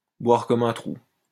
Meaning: to drink like a fish
- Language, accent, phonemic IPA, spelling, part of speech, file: French, France, /bwaʁ kɔ.m‿œ̃ tʁu/, boire comme un trou, verb, LL-Q150 (fra)-boire comme un trou.wav